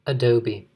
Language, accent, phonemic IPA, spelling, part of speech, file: English, US, /əˈdoʊ.bi/, adobe, noun, En-us-adobe.ogg
- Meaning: 1. An unburnt brick dried in the sun 2. The earth from which such bricks are made 3. A house made of adobe brick